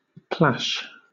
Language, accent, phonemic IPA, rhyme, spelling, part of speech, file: English, Southern England, /plæʃ/, -æʃ, plash, noun / verb / interjection, LL-Q1860 (eng)-plash.wav
- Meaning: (noun) A small pool of standing water; a marshy pond; also, a puddle; (uncountable) marshy land; mire